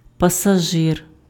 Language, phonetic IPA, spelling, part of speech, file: Ukrainian, [pɐsɐˈʒɪr], пасажир, noun, Uk-пасажир.ogg
- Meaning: passenger